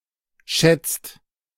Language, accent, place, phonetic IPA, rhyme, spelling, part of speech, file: German, Germany, Berlin, [ʃɛt͡st], -ɛt͡st, schätzt, verb, De-schätzt.ogg
- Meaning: inflection of schätzen: 1. second/third-person singular present 2. second-person plural present 3. plural imperative